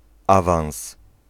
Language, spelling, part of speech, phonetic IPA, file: Polish, awans, noun, [ˈavãw̃s], Pl-awans.ogg